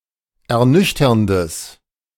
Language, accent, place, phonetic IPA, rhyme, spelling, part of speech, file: German, Germany, Berlin, [ɛɐ̯ˈnʏçtɐndəs], -ʏçtɐndəs, ernüchterndes, adjective, De-ernüchterndes.ogg
- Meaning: strong/mixed nominative/accusative neuter singular of ernüchternd